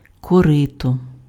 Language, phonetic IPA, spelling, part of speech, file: Ukrainian, [kɔˈrɪtɔ], корито, noun, Uk-корито.ogg
- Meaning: trough, tray